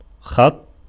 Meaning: 1. verbal noun of خَطَّ (ḵaṭṭa) (form I) 2. line 3. stroke 4. stripe 5. ridge 6. handwriting 7. calligraphy 8. script
- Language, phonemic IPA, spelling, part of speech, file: Arabic, /xatˤtˤ/, خط, noun, Ar-خط.ogg